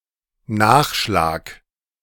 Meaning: 1. seconds 2. refill
- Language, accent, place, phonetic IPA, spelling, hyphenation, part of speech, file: German, Germany, Berlin, [ˈnaːxˌʃlaːk], Nachschlag, Nach‧schlag, noun, De-Nachschlag.ogg